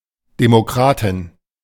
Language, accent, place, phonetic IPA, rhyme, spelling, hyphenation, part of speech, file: German, Germany, Berlin, [demoˈkʁaːtɪn], -aːtɪn, Demokratin, De‧mo‧kra‧tin, noun, De-Demokratin.ogg
- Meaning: a female democrat